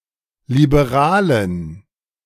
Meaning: inflection of liberal: 1. strong genitive masculine/neuter singular 2. weak/mixed genitive/dative all-gender singular 3. strong/weak/mixed accusative masculine singular 4. strong dative plural
- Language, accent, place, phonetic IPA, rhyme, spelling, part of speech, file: German, Germany, Berlin, [libeˈʁaːlən], -aːlən, liberalen, adjective, De-liberalen.ogg